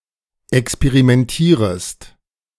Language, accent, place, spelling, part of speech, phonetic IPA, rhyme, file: German, Germany, Berlin, experimentierest, verb, [ɛkspeʁimɛnˈtiːʁəst], -iːʁəst, De-experimentierest.ogg
- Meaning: second-person singular subjunctive I of experimentieren